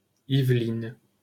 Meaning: Yvelines (a department of Île-de-France, France)
- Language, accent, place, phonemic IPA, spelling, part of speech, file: French, France, Paris, /iv.lin/, Yvelines, proper noun, LL-Q150 (fra)-Yvelines.wav